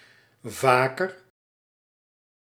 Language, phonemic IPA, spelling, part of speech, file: Dutch, /ˈva.kər/, vaker, adverb / adjective, Nl-vaker.ogg
- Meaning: more often (comparative degree of vaak)